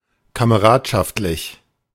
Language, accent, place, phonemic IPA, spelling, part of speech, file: German, Germany, Berlin, /kaməˈʁaːtʃaftlɪç/, kameradschaftlich, adjective, De-kameradschaftlich.ogg
- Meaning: comradely, companionable